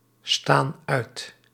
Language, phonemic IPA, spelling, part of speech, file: Dutch, /ˈstan ˈœyt/, staan uit, verb, Nl-staan uit.ogg
- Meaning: inflection of uitstaan: 1. plural present indicative 2. plural present subjunctive